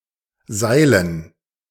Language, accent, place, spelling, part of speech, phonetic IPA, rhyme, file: German, Germany, Berlin, Seilen, noun, [ˈzaɪ̯lən], -aɪ̯lən, De-Seilen.ogg
- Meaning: dative plural of Seil